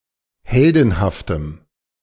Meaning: strong dative masculine/neuter singular of heldenhaft
- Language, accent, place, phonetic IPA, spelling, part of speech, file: German, Germany, Berlin, [ˈhɛldn̩haftəm], heldenhaftem, adjective, De-heldenhaftem.ogg